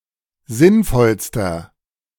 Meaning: inflection of sinnvoll: 1. strong/mixed nominative masculine singular superlative degree 2. strong genitive/dative feminine singular superlative degree 3. strong genitive plural superlative degree
- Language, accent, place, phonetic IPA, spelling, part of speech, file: German, Germany, Berlin, [ˈzɪnˌfɔlstɐ], sinnvollster, adjective, De-sinnvollster.ogg